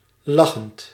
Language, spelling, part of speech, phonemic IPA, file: Dutch, lachend, adjective / adverb / verb, /ˈlɑxənt/, Nl-lachend.ogg
- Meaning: present participle of lachen